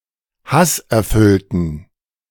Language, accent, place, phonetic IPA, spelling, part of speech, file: German, Germany, Berlin, [ˈhasʔɛɐ̯ˌfʏltn̩], hasserfüllten, adjective, De-hasserfüllten.ogg
- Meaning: inflection of hasserfüllt: 1. strong genitive masculine/neuter singular 2. weak/mixed genitive/dative all-gender singular 3. strong/weak/mixed accusative masculine singular 4. strong dative plural